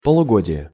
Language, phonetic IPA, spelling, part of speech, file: Russian, [pəɫʊˈɡodʲɪje], полугодие, noun, Ru-полугодие.ogg
- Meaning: half-year (period of half a year)